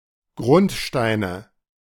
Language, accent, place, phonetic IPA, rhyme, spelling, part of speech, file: German, Germany, Berlin, [ˈɡʁʊntˌʃtaɪ̯nə], -ʊntʃtaɪ̯nə, Grundsteine, noun, De-Grundsteine.ogg
- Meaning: nominative/accusative/genitive plural of Grundstein